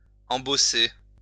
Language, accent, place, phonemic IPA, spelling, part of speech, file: French, France, Lyon, /ɑ̃.bɔ.se/, embosser, verb, LL-Q150 (fra)-embosser.wav
- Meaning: 1. to emboss 2. to moor a vessel with cables from both the prow and the stern